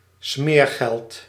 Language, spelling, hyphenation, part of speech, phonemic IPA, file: Dutch, smeergeld, smeer‧geld, noun, /ˈsmeːr.ɣɛlt/, Nl-smeergeld.ogg
- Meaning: graft, bribe